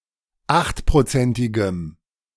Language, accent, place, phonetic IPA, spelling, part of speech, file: German, Germany, Berlin, [ˈaxtpʁoˌt͡sɛntɪɡəm], achtprozentigem, adjective, De-achtprozentigem.ogg
- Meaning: strong dative masculine/neuter singular of achtprozentig